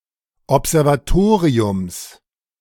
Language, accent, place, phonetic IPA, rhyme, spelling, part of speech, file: German, Germany, Berlin, [ɔpzɛʁvaˈtoːʁiʊms], -oːʁiʊms, Observatoriums, noun, De-Observatoriums.ogg
- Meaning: genitive singular of Observatorium